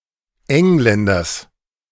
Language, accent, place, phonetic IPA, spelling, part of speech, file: German, Germany, Berlin, [ˈɛŋlɛndɐs], Engländers, noun, De-Engländers.ogg
- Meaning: genitive of Engländer